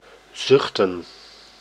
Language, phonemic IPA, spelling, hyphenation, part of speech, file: Dutch, /ˈzʏx.tə(n)/, zuchten, zuch‧ten, verb / noun, Nl-zuchten.ogg
- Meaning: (verb) to sigh; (noun) plural of zucht